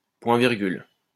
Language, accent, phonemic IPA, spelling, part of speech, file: French, France, /pwɛ̃.viʁ.ɡyl/, point-virgule, noun, LL-Q150 (fra)-point-virgule.wav
- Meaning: semicolon (punctuation mark)